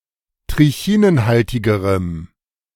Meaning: strong dative masculine/neuter singular comparative degree of trichinenhaltig
- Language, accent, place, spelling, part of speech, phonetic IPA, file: German, Germany, Berlin, trichinenhaltigerem, adjective, [tʁɪˈçiːnənˌhaltɪɡəʁəm], De-trichinenhaltigerem.ogg